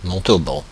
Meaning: Montauban (a town and commune, the prefecture of Tarn-et-Garonne department, Occitania, France)
- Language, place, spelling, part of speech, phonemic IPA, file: French, Paris, Montauban, proper noun, /mɔ̃.to.bɑ̃/, Fr-Montauban.oga